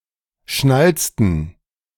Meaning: inflection of schnalzen: 1. first/third-person plural preterite 2. first/third-person plural subjunctive II
- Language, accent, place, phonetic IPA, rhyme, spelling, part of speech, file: German, Germany, Berlin, [ˈʃnalt͡stn̩], -alt͡stn̩, schnalzten, verb, De-schnalzten.ogg